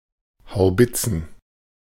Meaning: plural of Haubitze
- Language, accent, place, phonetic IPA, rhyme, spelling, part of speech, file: German, Germany, Berlin, [haʊ̯ˈbɪt͡sn̩], -ɪt͡sn̩, Haubitzen, noun, De-Haubitzen.ogg